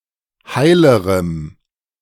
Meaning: strong dative masculine/neuter singular comparative degree of heil
- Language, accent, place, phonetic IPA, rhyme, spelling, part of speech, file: German, Germany, Berlin, [ˈhaɪ̯ləʁəm], -aɪ̯ləʁəm, heilerem, adjective, De-heilerem.ogg